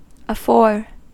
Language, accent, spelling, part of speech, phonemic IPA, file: English, US, afore, adverb / preposition / conjunction, /əˈfoɹ/, En-us-afore.ogg
- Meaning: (adverb) 1. Before, temporally 2. Before, in front, spatially 3. Before, in front, spatially.: In the fore part of a ship; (preposition) Before; in advance of the time of